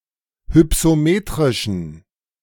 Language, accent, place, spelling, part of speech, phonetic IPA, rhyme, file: German, Germany, Berlin, hypsometrischen, adjective, [hʏpsoˈmeːtʁɪʃn̩], -eːtʁɪʃn̩, De-hypsometrischen.ogg
- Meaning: inflection of hypsometrisch: 1. strong genitive masculine/neuter singular 2. weak/mixed genitive/dative all-gender singular 3. strong/weak/mixed accusative masculine singular 4. strong dative plural